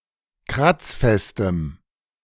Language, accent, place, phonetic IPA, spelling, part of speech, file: German, Germany, Berlin, [ˈkʁat͡sˌfɛstəm], kratzfestem, adjective, De-kratzfestem.ogg
- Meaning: strong dative masculine/neuter singular of kratzfest